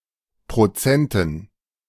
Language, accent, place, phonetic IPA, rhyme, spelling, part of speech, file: German, Germany, Berlin, [pʁoˈt͡sɛntn̩], -ɛntn̩, Prozenten, noun, De-Prozenten.ogg
- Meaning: dative plural of Prozent